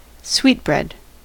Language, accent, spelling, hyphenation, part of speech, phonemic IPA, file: English, General American, sweetbread, sweet‧bread, noun, /ˈswitˌbɹɛd/, En-us-sweetbread.ogg
- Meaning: 1. The pancreas or thymus gland of an animal, especially a lamb or calf, as food 2. Any of various other glands used as food, including the parotid gland, sublingual glands, ovaries, and testicles